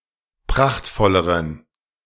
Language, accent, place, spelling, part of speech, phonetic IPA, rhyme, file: German, Germany, Berlin, prachtvolleren, adjective, [ˈpʁaxtfɔləʁən], -axtfɔləʁən, De-prachtvolleren.ogg
- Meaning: inflection of prachtvoll: 1. strong genitive masculine/neuter singular comparative degree 2. weak/mixed genitive/dative all-gender singular comparative degree